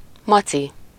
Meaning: 1. bear, bear cub 2. teddy bear
- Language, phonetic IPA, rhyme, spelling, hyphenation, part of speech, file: Hungarian, [ˈmɒt͡si], -t͡si, maci, ma‧ci, noun, Hu-maci.ogg